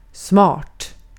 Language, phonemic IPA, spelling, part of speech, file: Swedish, /smɑːʈ/, smart, adjective, Sv-smart.ogg
- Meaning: smart; clever